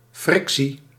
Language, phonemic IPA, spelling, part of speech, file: Dutch, /ˈfrɪksi/, frictie, noun, Nl-frictie.ogg
- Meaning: 1. friction 2. social friction, conflict